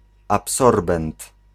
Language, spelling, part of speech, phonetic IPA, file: Polish, absorbent, noun, [apˈsɔrbɛ̃nt], Pl-absorbent.ogg